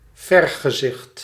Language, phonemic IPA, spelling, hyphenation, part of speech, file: Dutch, /ˈvɛr.ɣəˌzɪxt/, vergezicht, ver‧ge‧zicht, noun, Nl-vergezicht.ogg
- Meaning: 1. panorama, vista 2. vision of the future